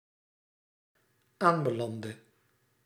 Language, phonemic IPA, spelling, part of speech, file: Dutch, /ˈambəˌlandə/, aanbelandde, verb, Nl-aanbelandde.ogg
- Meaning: inflection of aanbelanden: 1. singular dependent-clause past indicative 2. singular dependent-clause past subjunctive